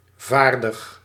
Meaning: 1. skillful 2. ready
- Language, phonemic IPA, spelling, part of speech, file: Dutch, /ˈvaːrdəx/, vaardig, adjective, Nl-vaardig.ogg